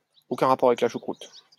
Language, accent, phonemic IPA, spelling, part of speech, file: French, France, /o.kœ̃ ʁa.pɔʁ a.vɛk la ʃu.kʁut/, aucun rapport avec la choucroute, phrase, LL-Q150 (fra)-aucun rapport avec la choucroute.wav
- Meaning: what does that have to do with the price of tea in China